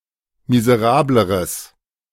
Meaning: strong/mixed nominative/accusative neuter singular comparative degree of miserabel
- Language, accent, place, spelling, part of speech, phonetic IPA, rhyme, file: German, Germany, Berlin, miserableres, adjective, [mizəˈʁaːbləʁəs], -aːbləʁəs, De-miserableres.ogg